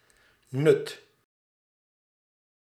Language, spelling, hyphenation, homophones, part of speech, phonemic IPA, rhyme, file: Dutch, nut, nut, Nuth, noun / adjective, /nʏt/, -ʏt, Nl-nut.ogg
- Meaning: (noun) 1. use, point, utility, sense 2. benefit; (adjective) useful